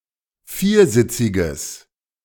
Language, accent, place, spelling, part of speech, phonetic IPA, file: German, Germany, Berlin, viersitziges, adjective, [ˈfiːɐ̯ˌzɪt͡sɪɡəs], De-viersitziges.ogg
- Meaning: strong/mixed nominative/accusative neuter singular of viersitzig